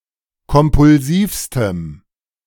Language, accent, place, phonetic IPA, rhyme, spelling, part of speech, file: German, Germany, Berlin, [kɔmpʊlˈziːfstəm], -iːfstəm, kompulsivstem, adjective, De-kompulsivstem.ogg
- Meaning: strong dative masculine/neuter singular superlative degree of kompulsiv